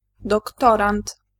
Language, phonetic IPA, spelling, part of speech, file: Polish, [dɔkˈtɔrãnt], doktorant, noun, Pl-doktorant.ogg